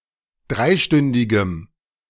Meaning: strong dative masculine/neuter singular of dreistündig
- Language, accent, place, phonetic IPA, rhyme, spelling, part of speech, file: German, Germany, Berlin, [ˈdʁaɪ̯ˌʃtʏndɪɡəm], -aɪ̯ʃtʏndɪɡəm, dreistündigem, adjective, De-dreistündigem.ogg